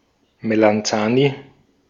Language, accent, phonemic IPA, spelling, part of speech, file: German, Austria, /melanˈt͡saːni/, Melanzani, noun, De-at-Melanzani.ogg
- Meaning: aubergine, eggplant